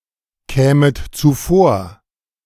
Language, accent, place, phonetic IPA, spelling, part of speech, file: German, Germany, Berlin, [ˌkɛːmət t͡suˈfoːɐ̯], kämet zuvor, verb, De-kämet zuvor.ogg
- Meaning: second-person plural subjunctive II of zuvorkommen